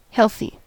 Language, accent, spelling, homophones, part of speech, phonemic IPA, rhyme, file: English, US, healthy, healthie, adjective, /ˈhɛl.θi/, -ɛlθi, En-us-healthy.ogg
- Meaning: 1. Enjoying good health; free from disease or disorder 2. Conducive to health 3. Evincing health 4. Significant, hefty; beneficial